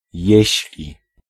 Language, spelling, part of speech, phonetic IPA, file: Polish, jeśli, conjunction, [ˈjɛ̇ɕlʲi], Pl-jeśli.ogg